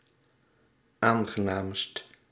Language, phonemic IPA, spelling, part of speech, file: Dutch, /ˈaŋɣəˌnamst/, aangenaamst, adjective, Nl-aangenaamst.ogg
- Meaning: superlative degree of aangenaam